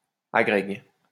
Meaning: the highest teaching diploma in France
- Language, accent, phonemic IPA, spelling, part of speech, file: French, France, /a.ɡʁɛɡ/, agrég, noun, LL-Q150 (fra)-agrég.wav